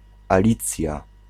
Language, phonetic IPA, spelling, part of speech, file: Polish, [aˈlʲit͡sʲja], Alicja, proper noun, Pl-Alicja.ogg